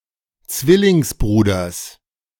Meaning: genitive of Zwillingsbruder
- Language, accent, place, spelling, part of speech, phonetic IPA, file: German, Germany, Berlin, Zwillingsbruders, noun, [ˈt͡svɪlɪŋsˌbʁuːdɐs], De-Zwillingsbruders.ogg